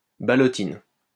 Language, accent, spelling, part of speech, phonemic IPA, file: French, France, ballottine, noun, /ba.lɔ.tin/, LL-Q150 (fra)-ballottine.wav
- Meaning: ballotine